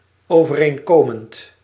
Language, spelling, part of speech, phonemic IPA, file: Dutch, overeenkomend, verb / adjective, /ˌovəˈreŋkomənt/, Nl-overeenkomend.ogg
- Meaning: present participle of overeenkomen